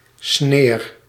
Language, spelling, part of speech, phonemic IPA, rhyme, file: Dutch, sneer, noun, /sneːr/, -eːr, Nl-sneer.ogg
- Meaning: snide remark, dig